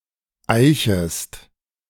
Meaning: second-person singular subjunctive I of eichen
- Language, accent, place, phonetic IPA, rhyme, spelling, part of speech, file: German, Germany, Berlin, [ˈaɪ̯çəst], -aɪ̯çəst, eichest, verb, De-eichest.ogg